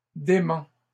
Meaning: masculine plural of dément
- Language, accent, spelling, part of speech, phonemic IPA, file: French, Canada, déments, adjective, /de.mɑ̃/, LL-Q150 (fra)-déments.wav